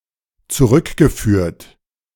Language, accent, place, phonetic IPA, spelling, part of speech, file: German, Germany, Berlin, [t͡suˈʁʏkɡəˌfyːɐ̯t], zurückgeführt, verb, De-zurückgeführt.ogg
- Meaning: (verb) past participle of zurückführen; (adjective) recycled